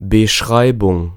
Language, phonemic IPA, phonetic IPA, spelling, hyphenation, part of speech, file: German, /bəˈʃʁaɪ̯bʊŋ/, [bəˈʃʁaɪ̯bʊŋ], Beschreibung, Be‧schrei‧bung, noun, De-Beschreibung.ogg
- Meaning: description